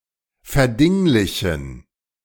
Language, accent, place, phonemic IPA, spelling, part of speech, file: German, Germany, Berlin, /fɛɐ̯ˈdɪŋlɪçn̩/, verdinglichen, verb, De-verdinglichen.ogg
- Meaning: to reify